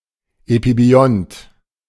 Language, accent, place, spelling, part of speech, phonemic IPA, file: German, Germany, Berlin, Epibiont, noun, /epibiˈɔnt/, De-Epibiont.ogg
- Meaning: epibiont (organism that lives on the surface)